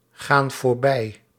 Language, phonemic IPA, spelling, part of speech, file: Dutch, /ˈɣan vorˈbɛi/, gaan voorbij, verb, Nl-gaan voorbij.ogg
- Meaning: inflection of voorbijgaan: 1. plural present indicative 2. plural present subjunctive